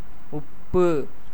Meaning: salt
- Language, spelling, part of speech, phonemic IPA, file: Tamil, உப்பு, noun, /ʊpːɯ/, Ta-உப்பு.ogg